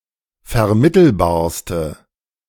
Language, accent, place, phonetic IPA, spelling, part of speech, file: German, Germany, Berlin, [fɛɐ̯ˈmɪtl̩baːɐ̯stə], vermittelbarste, adjective, De-vermittelbarste.ogg
- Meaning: inflection of vermittelbar: 1. strong/mixed nominative/accusative feminine singular superlative degree 2. strong nominative/accusative plural superlative degree